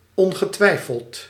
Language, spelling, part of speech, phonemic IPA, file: Dutch, ongetwijfeld, adverb, /ˌɔŋɣəˈtwɛifəlt/, Nl-ongetwijfeld.ogg
- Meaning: undoubtedly, surely